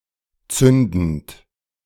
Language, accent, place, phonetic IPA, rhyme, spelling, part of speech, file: German, Germany, Berlin, [ˈt͡sʏndn̩t], -ʏndn̩t, zündend, verb, De-zündend.ogg
- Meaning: present participle of zünden